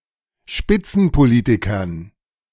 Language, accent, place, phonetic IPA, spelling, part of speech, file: German, Germany, Berlin, [ˈʃpɪt͡sn̩poˌliːtɪkɐn], Spitzenpolitikern, noun, De-Spitzenpolitikern.ogg
- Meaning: dative plural of Spitzenpolitiker